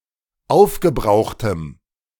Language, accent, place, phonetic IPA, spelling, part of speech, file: German, Germany, Berlin, [ˈaʊ̯fɡəˌbʁaʊ̯xtəm], aufgebrauchtem, adjective, De-aufgebrauchtem.ogg
- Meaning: strong dative masculine/neuter singular of aufgebraucht